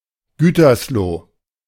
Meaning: Gütersloh (a city and rural district of North Rhine-Westphalia, Germany)
- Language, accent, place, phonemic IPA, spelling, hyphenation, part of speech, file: German, Germany, Berlin, /ˈɡyːtɐsloː/, Gütersloh, Gü‧ters‧loh, proper noun, De-Gütersloh.ogg